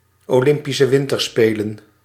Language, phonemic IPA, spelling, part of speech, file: Dutch, /oːˌlɪmpisə ˈʋɪntərspeːlə(n)/, Olympische Winterspelen, proper noun, Nl-Olympische Winterspelen.ogg
- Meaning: the Olympic Winter Games